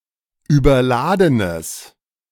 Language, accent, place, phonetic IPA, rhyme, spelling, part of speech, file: German, Germany, Berlin, [yːbɐˈlaːdənəs], -aːdənəs, überladenes, adjective, De-überladenes.ogg
- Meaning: strong/mixed nominative/accusative neuter singular of überladen